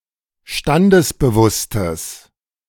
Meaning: strong/mixed nominative/accusative neuter singular of standesbewusst
- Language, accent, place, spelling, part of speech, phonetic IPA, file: German, Germany, Berlin, standesbewusstes, adjective, [ˈʃtandəsbəˌvʊstəs], De-standesbewusstes.ogg